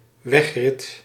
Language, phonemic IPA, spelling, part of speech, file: Dutch, /β̞ɛxrɪt/, wegrit, noun, Nl-wegrit.ogg
- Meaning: road race